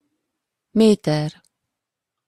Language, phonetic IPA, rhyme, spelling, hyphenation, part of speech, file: Hungarian, [ˈmeːtɛr], -ɛr, méter, mé‧ter, noun, Hu-méter.opus
- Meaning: meter (unit of measure, 100 cm)